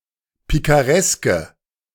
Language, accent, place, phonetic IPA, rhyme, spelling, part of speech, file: German, Germany, Berlin, [ˌpikaˈʁɛskə], -ɛskə, pikareske, adjective, De-pikareske.ogg
- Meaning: inflection of pikaresk: 1. strong/mixed nominative/accusative feminine singular 2. strong nominative/accusative plural 3. weak nominative all-gender singular